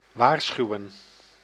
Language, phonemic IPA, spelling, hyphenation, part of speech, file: Dutch, /ˈʋaːrˌsxyu̯ə(n)/, waarschuwen, waar‧schu‧wen, verb, Nl-waarschuwen.ogg
- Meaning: to warn, to let someone know, to notify about a threat or consequences